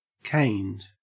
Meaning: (verb) simple past and past participle of cane; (adjective) intoxicated by alcohol or drugs
- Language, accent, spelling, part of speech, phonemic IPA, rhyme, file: English, Australia, caned, verb / adjective, /keɪnd/, -eɪnd, En-au-caned.ogg